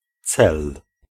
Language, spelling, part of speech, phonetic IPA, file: Polish, cel, noun, [t͡sɛl], Pl-cel.ogg